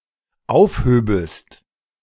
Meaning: second-person singular dependent subjunctive II of aufheben
- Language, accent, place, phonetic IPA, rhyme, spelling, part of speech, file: German, Germany, Berlin, [ˈaʊ̯fˌhøːbəst], -aʊ̯fhøːbəst, aufhöbest, verb, De-aufhöbest.ogg